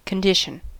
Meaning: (noun) 1. A state or quality 2. A state or quality.: A particular state of being 3. A state or quality.: The situation of a person or persons, particularly their social and/or economic class, rank
- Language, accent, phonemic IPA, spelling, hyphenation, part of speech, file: English, US, /kənˈdɪʃ(ə)n/, condition, con‧dit‧ion, noun / verb, En-us-condition.ogg